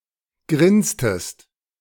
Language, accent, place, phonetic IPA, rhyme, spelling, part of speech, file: German, Germany, Berlin, [ˈɡʁɪnstəst], -ɪnstəst, grinstest, verb, De-grinstest.ogg
- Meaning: inflection of grinsen: 1. second-person singular preterite 2. second-person singular subjunctive II